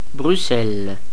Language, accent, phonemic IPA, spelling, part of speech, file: French, Belgium, /bʁy.sɛl/, Bruxelles, proper noun, Fr-Bruxelles.ogg
- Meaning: Brussels (the capital city of Belgium)